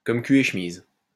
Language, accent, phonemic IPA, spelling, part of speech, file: French, France, /kɔm ky e ʃ(ə).miz/, comme cul et chemise, prepositional phrase, LL-Q150 (fra)-comme cul et chemise.wav
- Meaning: as thick as thieves, very close, inseparable